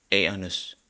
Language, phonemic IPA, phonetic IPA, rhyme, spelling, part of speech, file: Danish, /æːɐnəs/, [ˈæːɐnəs], -æːɐnəs, a'ernes, noun, Da-cph-a'ernes.ogg
- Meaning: definite genitive plural of a